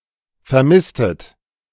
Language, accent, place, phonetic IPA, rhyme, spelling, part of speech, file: German, Germany, Berlin, [fɛɐ̯ˈmɪstət], -ɪstət, vermisstet, verb, De-vermisstet.ogg
- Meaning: inflection of vermissen: 1. second-person plural preterite 2. second-person plural subjunctive II